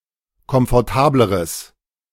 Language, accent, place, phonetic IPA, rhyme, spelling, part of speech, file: German, Germany, Berlin, [kɔmfɔʁˈtaːbləʁəs], -aːbləʁəs, komfortableres, adjective, De-komfortableres.ogg
- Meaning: strong/mixed nominative/accusative neuter singular comparative degree of komfortabel